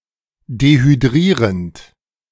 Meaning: present participle of dehydrieren
- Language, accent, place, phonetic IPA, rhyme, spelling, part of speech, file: German, Germany, Berlin, [dehyˈdʁiːʁənt], -iːʁənt, dehydrierend, verb, De-dehydrierend.ogg